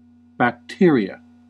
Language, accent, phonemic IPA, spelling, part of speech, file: English, US, /bækˈtɪɹ.i.ə/, bacteria, noun, En-us-bacteria.ogg
- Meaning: 1. plural of bacterium 2. A type, species, or strain of bacterium 3. Alternative form of bacterium 4. Lowlife, slob (could be treated as plural or singular)